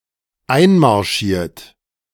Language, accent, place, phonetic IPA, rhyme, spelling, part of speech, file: German, Germany, Berlin, [ˈaɪ̯nmaʁˌʃiːɐ̯t], -aɪ̯nmaʁʃiːɐ̯t, einmarschiert, verb, De-einmarschiert.ogg
- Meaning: past participle of einmarschieren